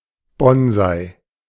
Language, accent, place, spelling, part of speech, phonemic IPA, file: German, Germany, Berlin, Bonsai, noun, /ˈbɔn.zaɪ/, De-Bonsai.ogg
- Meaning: bonsai